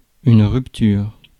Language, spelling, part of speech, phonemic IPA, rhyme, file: French, rupture, noun / verb, /ʁyp.tyʁ/, -yʁ, Fr-rupture.ogg
- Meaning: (noun) breakup, rupture; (verb) inflection of rupturer: 1. first/third-person singular present indicative/subjunctive 2. second-person singular imperative